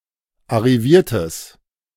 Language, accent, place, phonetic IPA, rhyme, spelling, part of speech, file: German, Germany, Berlin, [aʁiˈviːɐ̯təs], -iːɐ̯təs, arriviertes, adjective, De-arriviertes.ogg
- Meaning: strong/mixed nominative/accusative neuter singular of arriviert